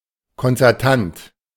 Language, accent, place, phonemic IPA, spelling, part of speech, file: German, Germany, Berlin, /kɔnt͡sɛʁˈtant/, konzertant, adjective, De-konzertant.ogg
- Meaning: 1. concert 2. concerto